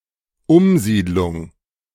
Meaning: resettlement
- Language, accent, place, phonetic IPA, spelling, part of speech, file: German, Germany, Berlin, [ˈʊmˌziːdlʊŋ], Umsiedlung, noun, De-Umsiedlung.ogg